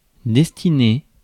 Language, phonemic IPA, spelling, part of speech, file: French, /dɛs.ti.ne/, destiner, verb, Fr-destiner.ogg
- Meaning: to destine, to fate, to mean for